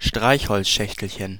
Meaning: diminutive of Streichholzschachtel (“matchbox”)
- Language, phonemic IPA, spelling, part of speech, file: German, /ˈʃtʁaɪ̯ç.hɔl(t)sˌʃɛç.təl.çən/, Streichholzschächtelchen, noun, De-Streichholzschächtelchen.ogg